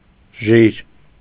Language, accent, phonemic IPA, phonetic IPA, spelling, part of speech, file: Armenian, Eastern Armenian, /ʒiɾ/, [ʒiɾ], ժիր, adjective, Hy-ժիր.ogg
- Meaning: 1. active, lively, vigorous 2. vibrant, buoyant, sprightly 3. enthusiastic, eager, passionate 4. strong, muscular, brawny 5. fast, quick, nimble 6. strong, hard, firm